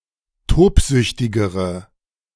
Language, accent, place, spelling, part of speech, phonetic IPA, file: German, Germany, Berlin, tobsüchtigere, adjective, [ˈtoːpˌzʏçtɪɡəʁə], De-tobsüchtigere.ogg
- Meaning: inflection of tobsüchtig: 1. strong/mixed nominative/accusative feminine singular comparative degree 2. strong nominative/accusative plural comparative degree